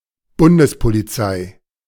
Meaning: 1. federal police (central police force in a federalist country) 2. official name of the central police force, until 2005 called Bundesgrenzschutz
- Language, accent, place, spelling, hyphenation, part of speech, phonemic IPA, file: German, Germany, Berlin, Bundespolizei, Bun‧des‧po‧li‧zei, noun, /ˈbʊndəspoliˌtsaɪ̯/, De-Bundespolizei.ogg